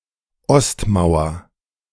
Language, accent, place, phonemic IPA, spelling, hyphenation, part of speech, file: German, Germany, Berlin, /ˈɔstˌmaʊ̯ɐ/, Ostmauer, Ost‧mau‧er, noun, De-Ostmauer.ogg
- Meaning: east wall